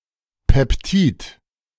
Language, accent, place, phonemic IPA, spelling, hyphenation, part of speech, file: German, Germany, Berlin, /ˌpɛpˈtiːt/, Peptid, Pep‧tid, noun, De-Peptid.ogg
- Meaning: peptide